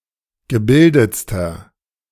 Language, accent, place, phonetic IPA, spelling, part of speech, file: German, Germany, Berlin, [ɡəˈbɪldət͡stɐ], gebildetster, adjective, De-gebildetster.ogg
- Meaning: inflection of gebildet: 1. strong/mixed nominative masculine singular superlative degree 2. strong genitive/dative feminine singular superlative degree 3. strong genitive plural superlative degree